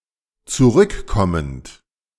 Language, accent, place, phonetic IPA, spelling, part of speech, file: German, Germany, Berlin, [t͡suˈʁʏkˌkɔmənt], zurückkommend, verb, De-zurückkommend.ogg
- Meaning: present participle of zurückkommen